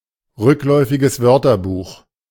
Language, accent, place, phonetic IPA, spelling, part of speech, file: German, Germany, Berlin, [ˌʁʏklɔɪ̯fɪɡəs ˈvœʁtɐˌbuːx], rückläufiges Wörterbuch, phrase, De-rückläufiges Wörterbuch.ogg
- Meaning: reverse dictionary